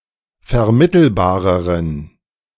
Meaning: inflection of vermittelbar: 1. strong genitive masculine/neuter singular comparative degree 2. weak/mixed genitive/dative all-gender singular comparative degree
- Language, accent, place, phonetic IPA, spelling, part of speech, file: German, Germany, Berlin, [fɛɐ̯ˈmɪtl̩baːʁəʁən], vermittelbareren, adjective, De-vermittelbareren.ogg